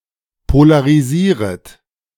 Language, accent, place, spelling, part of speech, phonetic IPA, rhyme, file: German, Germany, Berlin, polarisieret, verb, [polaʁiˈziːʁət], -iːʁət, De-polarisieret.ogg
- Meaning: second-person plural subjunctive I of polarisieren